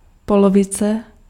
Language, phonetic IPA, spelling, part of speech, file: Czech, [ˈpolovɪt͡sɛ], polovice, noun, Cs-polovice.ogg
- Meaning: half (one of two equal parts into which something may be divided)